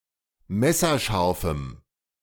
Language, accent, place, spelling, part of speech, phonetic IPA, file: German, Germany, Berlin, messerscharfem, adjective, [ˈmɛsɐˌʃaʁfm̩], De-messerscharfem.ogg
- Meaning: strong dative masculine/neuter singular of messerscharf